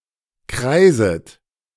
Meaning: second-person plural subjunctive I of kreisen
- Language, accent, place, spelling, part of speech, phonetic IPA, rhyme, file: German, Germany, Berlin, kreiset, verb, [ˈkʁaɪ̯zət], -aɪ̯zət, De-kreiset.ogg